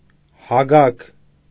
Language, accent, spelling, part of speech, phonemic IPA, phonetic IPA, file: Armenian, Eastern Armenian, հագագ, noun, /hɑˈɡɑɡ/, [hɑɡɑ́ɡ], Hy-հագագ.ogg
- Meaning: 1. glottis 2. aspiration 3. breath, respiration